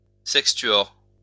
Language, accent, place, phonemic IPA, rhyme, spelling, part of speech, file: French, France, Lyon, /sɛk.stɥɔʁ/, -ɥɔʁ, sextuor, noun, LL-Q150 (fra)-sextuor.wav
- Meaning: sextet